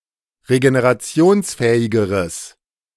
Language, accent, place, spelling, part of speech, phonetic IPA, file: German, Germany, Berlin, regenerationsfähigeres, adjective, [ʁeɡeneʁaˈt͡si̯oːnsˌfɛːɪɡəʁəs], De-regenerationsfähigeres.ogg
- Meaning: strong/mixed nominative/accusative neuter singular comparative degree of regenerationsfähig